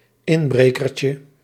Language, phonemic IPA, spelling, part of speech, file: Dutch, /ˈɪmbrekərcə/, inbrekertje, noun, Nl-inbrekertje.ogg
- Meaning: diminutive of inbreker